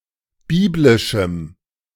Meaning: strong dative masculine/neuter singular of biblisch
- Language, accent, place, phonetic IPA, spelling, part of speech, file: German, Germany, Berlin, [ˈbiːblɪʃm̩], biblischem, adjective, De-biblischem.ogg